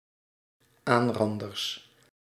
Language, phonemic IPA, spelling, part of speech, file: Dutch, /ˈanrɑndərs/, aanranders, noun, Nl-aanranders.ogg
- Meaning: plural of aanrander